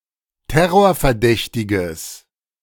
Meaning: strong/mixed nominative/accusative neuter singular of terrorverdächtig
- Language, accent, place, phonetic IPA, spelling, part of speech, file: German, Germany, Berlin, [ˈtɛʁoːɐ̯fɛɐ̯ˌdɛçtɪɡəs], terrorverdächtiges, adjective, De-terrorverdächtiges.ogg